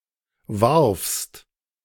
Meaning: second-person singular preterite of werfen
- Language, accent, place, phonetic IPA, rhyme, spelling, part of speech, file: German, Germany, Berlin, [vaʁfst], -aʁfst, warfst, verb, De-warfst.ogg